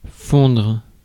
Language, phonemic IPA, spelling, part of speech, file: French, /fɔ̃dʁ/, fondre, verb, Fr-fondre.ogg
- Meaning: 1. to melt, melt down, smelt 2. to melt 3. to melt away, waste away 4. to dwindle; to diminish 5. to blend in, blend into